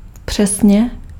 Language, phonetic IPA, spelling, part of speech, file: Czech, [ˈpr̝̊ɛsɲɛ], přesně, adverb, Cs-přesně.ogg
- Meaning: exactly